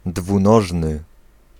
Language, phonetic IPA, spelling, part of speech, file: Polish, [dvũˈnɔʒnɨ], dwunożny, adjective, Pl-dwunożny.ogg